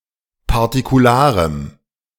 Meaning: strong dative masculine/neuter singular of partikular
- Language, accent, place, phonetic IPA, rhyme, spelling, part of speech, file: German, Germany, Berlin, [paʁtikuˈlaːʁəm], -aːʁəm, partikularem, adjective, De-partikularem.ogg